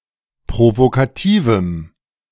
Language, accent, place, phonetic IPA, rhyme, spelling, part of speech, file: German, Germany, Berlin, [pʁovokaˈtiːvm̩], -iːvm̩, provokativem, adjective, De-provokativem.ogg
- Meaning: strong dative masculine/neuter singular of provokativ